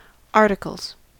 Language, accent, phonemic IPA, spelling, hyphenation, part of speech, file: English, US, /ˈɑɹtɪkəlz/, articles, ar‧ti‧cles, noun / verb, En-us-articles.ogg
- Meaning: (noun) 1. plural of article 2. Breeches; coat and waistcoat 3. the period during which a person works as an articled clerk; articling; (verb) third-person singular simple present indicative of article